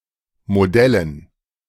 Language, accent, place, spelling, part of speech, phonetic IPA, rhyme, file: German, Germany, Berlin, Modellen, noun, [moˈdɛlən], -ɛlən, De-Modellen.ogg
- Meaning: dative plural of Modell